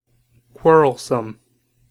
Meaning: Argumentative; fond of or prone to quarreling
- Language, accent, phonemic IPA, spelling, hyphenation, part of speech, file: English, General American, /ˈkwɔɹəlsəm/, quarrelsome, quar‧rel‧some, adjective, En-us-quarrelsome.ogg